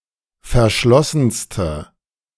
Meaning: inflection of verschlossen: 1. strong/mixed nominative/accusative feminine singular superlative degree 2. strong nominative/accusative plural superlative degree
- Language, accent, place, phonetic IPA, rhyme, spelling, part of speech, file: German, Germany, Berlin, [fɛɐ̯ˈʃlɔsn̩stə], -ɔsn̩stə, verschlossenste, adjective, De-verschlossenste.ogg